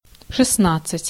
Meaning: sixteen (16)
- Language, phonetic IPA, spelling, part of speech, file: Russian, [ʂɨs(t)ˈnat͡s(ː)ɨtʲ], шестнадцать, numeral, Ru-шестнадцать.ogg